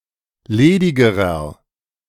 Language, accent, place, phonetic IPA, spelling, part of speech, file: German, Germany, Berlin, [ˈleːdɪɡəʁɐ], ledigerer, adjective, De-ledigerer.ogg
- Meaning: inflection of ledig: 1. strong/mixed nominative masculine singular comparative degree 2. strong genitive/dative feminine singular comparative degree 3. strong genitive plural comparative degree